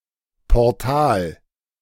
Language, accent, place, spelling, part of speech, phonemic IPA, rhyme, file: German, Germany, Berlin, Portal, noun, /pɔʁˈtaːl/, -aːl, De-Portal.ogg
- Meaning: portal